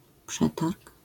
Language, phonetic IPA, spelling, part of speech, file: Polish, [ˈpʃɛtark], przetarg, noun, LL-Q809 (pol)-przetarg.wav